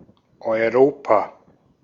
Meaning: 1. Europe (a continent located west of Asia and north of Africa) 2. The European legal space; the territory characterized by the European Union
- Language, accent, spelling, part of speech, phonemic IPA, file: German, Austria, Europa, proper noun, /ɔʏ̯ˈʁoːpa/, De-at-Europa.ogg